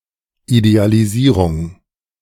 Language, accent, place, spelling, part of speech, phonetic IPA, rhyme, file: German, Germany, Berlin, Idealisierung, noun, [idealiˈziːʁʊŋ], -iːʁʊŋ, De-Idealisierung.ogg
- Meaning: idealization